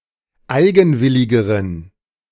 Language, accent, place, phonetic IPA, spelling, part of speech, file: German, Germany, Berlin, [ˈaɪ̯ɡn̩ˌvɪlɪɡəʁən], eigenwilligeren, adjective, De-eigenwilligeren.ogg
- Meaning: inflection of eigenwillig: 1. strong genitive masculine/neuter singular comparative degree 2. weak/mixed genitive/dative all-gender singular comparative degree